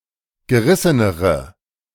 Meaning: inflection of gerissen: 1. strong/mixed nominative/accusative feminine singular comparative degree 2. strong nominative/accusative plural comparative degree
- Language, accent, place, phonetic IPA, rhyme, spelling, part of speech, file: German, Germany, Berlin, [ɡəˈʁɪsənəʁə], -ɪsənəʁə, gerissenere, adjective, De-gerissenere.ogg